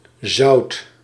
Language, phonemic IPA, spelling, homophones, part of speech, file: Dutch, /zɑu̯t/, zoudt, zout, verb, Nl-zoudt.ogg
- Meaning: second-person (gij) singular past indicative of zullen